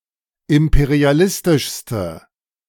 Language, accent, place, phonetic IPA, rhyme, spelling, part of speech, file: German, Germany, Berlin, [ˌɪmpeʁiaˈlɪstɪʃstə], -ɪstɪʃstə, imperialistischste, adjective, De-imperialistischste.ogg
- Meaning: inflection of imperialistisch: 1. strong/mixed nominative/accusative feminine singular superlative degree 2. strong nominative/accusative plural superlative degree